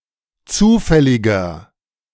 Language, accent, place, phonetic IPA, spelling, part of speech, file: German, Germany, Berlin, [ˈt͡suːfɛlɪɡɐ], zufälliger, adjective, De-zufälliger.ogg
- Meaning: inflection of zufällig: 1. strong/mixed nominative masculine singular 2. strong genitive/dative feminine singular 3. strong genitive plural